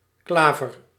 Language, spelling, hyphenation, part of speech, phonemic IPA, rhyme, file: Dutch, klaver, kla‧ver, noun, /ˈklaː.vər/, -aːvər, Nl-klaver.ogg
- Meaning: 1. A clover, trefoil; a plant of the tribe Trifolieae, particularly of the genus Trifolium 2. Any plant with leaves resembling that of a trefoil 3. clubs